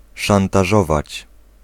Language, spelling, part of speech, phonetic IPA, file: Polish, szantażować, verb, [ˌʃãntaˈʒɔvat͡ɕ], Pl-szantażować.ogg